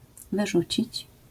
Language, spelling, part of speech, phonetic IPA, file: Polish, wyrzucić, verb, [vɨˈʒut͡ɕit͡ɕ], LL-Q809 (pol)-wyrzucić.wav